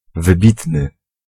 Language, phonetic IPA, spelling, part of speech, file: Polish, [vɨˈbʲitnɨ], wybitny, adjective, Pl-wybitny.ogg